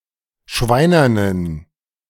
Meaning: inflection of schweinern: 1. strong genitive masculine/neuter singular 2. weak/mixed genitive/dative all-gender singular 3. strong/weak/mixed accusative masculine singular 4. strong dative plural
- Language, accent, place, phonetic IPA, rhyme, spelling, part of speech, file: German, Germany, Berlin, [ˈʃvaɪ̯nɐnən], -aɪ̯nɐnən, schweinernen, adjective, De-schweinernen.ogg